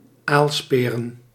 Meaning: plural of aalspeer
- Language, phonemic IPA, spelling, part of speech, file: Dutch, /ˈalsperə(n)/, aalsperen, noun, Nl-aalsperen.ogg